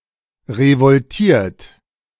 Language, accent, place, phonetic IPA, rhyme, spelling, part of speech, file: German, Germany, Berlin, [ʁəvɔlˈtiːɐ̯t], -iːɐ̯t, revoltiert, verb, De-revoltiert.ogg
- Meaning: 1. past participle of revoltieren 2. inflection of revoltieren: third-person singular present 3. inflection of revoltieren: second-person plural present 4. inflection of revoltieren: plural imperative